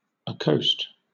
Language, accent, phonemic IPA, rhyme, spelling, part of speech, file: English, Southern England, /əˈkəʊst/, -əʊst, accoast, verb, LL-Q1860 (eng)-accoast.wav
- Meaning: Obsolete form of accost (“sail along the coast or lie alongside”)